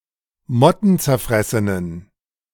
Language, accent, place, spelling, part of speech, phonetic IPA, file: German, Germany, Berlin, mottenzerfressenen, adjective, [ˈmɔtn̩t͡sɛɐ̯ˌfʁɛsənən], De-mottenzerfressenen.ogg
- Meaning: inflection of mottenzerfressen: 1. strong genitive masculine/neuter singular 2. weak/mixed genitive/dative all-gender singular 3. strong/weak/mixed accusative masculine singular